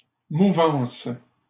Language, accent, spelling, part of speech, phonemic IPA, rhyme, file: French, Canada, mouvance, noun, /mu.vɑ̃s/, -ɑ̃s, LL-Q150 (fra)-mouvance.wav
- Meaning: movement, trend